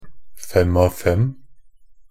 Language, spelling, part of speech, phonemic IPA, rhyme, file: Norwegian Bokmål, fem-av-fem, noun, /ˈfɛm.aʋ.fɛm/, -ɛm, Nb-fem-av-fem.ogg
- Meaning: a five-by-five (the achievement of gathering a total of five in five statistical categories—points, rebounds, assists, steals, and blocks—in a single game)